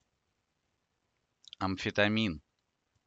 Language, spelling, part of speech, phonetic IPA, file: Russian, амфетамин, noun, [ɐm⁽ʲ⁾fʲɪtɐˈmʲin], Ru-Amfetamin.ogg
- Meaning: amphetamine